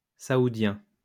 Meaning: Saudi, Saudi Arabian
- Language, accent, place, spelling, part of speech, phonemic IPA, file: French, France, Lyon, saoudien, adjective, /sa.u.djɛ̃/, LL-Q150 (fra)-saoudien.wav